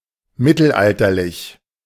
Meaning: medieval
- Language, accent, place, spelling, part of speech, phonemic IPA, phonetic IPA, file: German, Germany, Berlin, mittelalterlich, adjective, /ˈmɪtəlˌaltərlɪç/, [ˈmɪ.tl̩ˌʔal.tɐ.lɪç], De-mittelalterlich.ogg